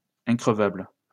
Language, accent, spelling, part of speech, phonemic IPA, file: French, France, increvable, adjective, /ɛ̃.kʁə.vabl/, LL-Q150 (fra)-increvable.wav
- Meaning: 1. unburstable; unpoppable 2. tireless; unwearied